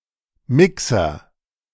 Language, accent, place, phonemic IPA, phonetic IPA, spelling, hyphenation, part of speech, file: German, Germany, Berlin, /ˈmɪksər/, [ˈmɪksɐ], Mixer, Mi‧xer, noun, De-Mixer.ogg
- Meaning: blender, mixer (kitchen appliance)